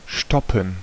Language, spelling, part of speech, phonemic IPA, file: German, stoppen, verb, /ˈʃtɔpən/, De-stoppen.ogg
- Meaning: 1. to stop 2. alternative form of stopfen (“to stuff, to plug”) 3. to measure time with a stopwatch